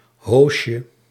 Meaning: diminutive of hoos
- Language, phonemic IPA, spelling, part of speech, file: Dutch, /ˈhoʃə/, hoosje, noun, Nl-hoosje.ogg